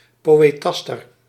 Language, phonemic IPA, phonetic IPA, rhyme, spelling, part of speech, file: Dutch, /ˌpoː.eːˈtɑs.tər/, [ˌpoː.weːˈtɑs.tər], -ɑstər, poëtaster, noun, Nl-poëtaster.ogg
- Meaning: poetaster